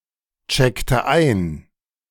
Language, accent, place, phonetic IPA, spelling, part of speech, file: German, Germany, Berlin, [ˌt͡ʃɛktə ˈaɪ̯n], checkte ein, verb, De-checkte ein.ogg
- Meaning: inflection of einchecken: 1. first/third-person singular preterite 2. first/third-person singular subjunctive II